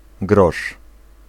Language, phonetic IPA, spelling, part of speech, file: Polish, [ɡrɔʃ], grosz, noun, Pl-grosz.ogg